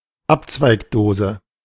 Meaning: junction box
- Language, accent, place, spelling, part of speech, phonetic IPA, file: German, Germany, Berlin, Abzweigdose, noun, [ˈapt͡svaɪ̯kˌdoːzə], De-Abzweigdose.ogg